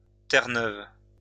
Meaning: Newfoundland (a large island of the coast of eastern Canada, part of the province of Newfoundland and Labrador)
- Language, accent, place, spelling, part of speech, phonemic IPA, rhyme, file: French, France, Lyon, Terre-Neuve, proper noun, /tɛʁ.nœv/, -œv, LL-Q150 (fra)-Terre-Neuve.wav